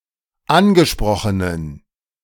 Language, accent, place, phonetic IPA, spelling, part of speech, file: German, Germany, Berlin, [ˈanɡəˌʃpʁɔxənən], angesprochenen, adjective, De-angesprochenen.ogg
- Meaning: inflection of angesprochen: 1. strong genitive masculine/neuter singular 2. weak/mixed genitive/dative all-gender singular 3. strong/weak/mixed accusative masculine singular 4. strong dative plural